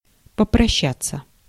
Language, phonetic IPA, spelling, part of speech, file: Russian, [pəprɐˈɕːat͡sːə], попрощаться, verb, Ru-попрощаться.ogg
- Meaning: to say goodbye, to bid farewell